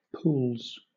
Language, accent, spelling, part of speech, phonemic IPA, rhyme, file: English, Southern England, pools, noun / verb, /puːlz/, -uːlz, LL-Q1860 (eng)-pools.wav
- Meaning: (noun) plural of pool; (verb) third-person singular simple present indicative of pool